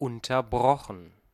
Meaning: past participle of unterbrechen
- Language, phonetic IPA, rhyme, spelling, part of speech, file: German, [ˌʊntɐˈbʁɔxn̩], -ɔxn̩, unterbrochen, verb, De-unterbrochen.ogg